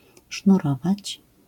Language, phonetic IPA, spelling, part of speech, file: Polish, [ʃnuˈrɔvat͡ɕ], sznurować, verb, LL-Q809 (pol)-sznurować.wav